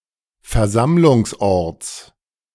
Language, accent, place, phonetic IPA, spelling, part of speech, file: German, Germany, Berlin, [fɛɐ̯ˈzamlʊŋsˌʔɔʁt͡s], Versammlungsorts, noun, De-Versammlungsorts.ogg
- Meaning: genitive of Versammlungsort